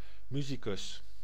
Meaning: musician (a person who plays or sings music)
- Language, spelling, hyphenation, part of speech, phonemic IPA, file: Dutch, musicus, mu‧si‧cus, noun, /ˈmy.zi.kʏs/, Nl-musicus.ogg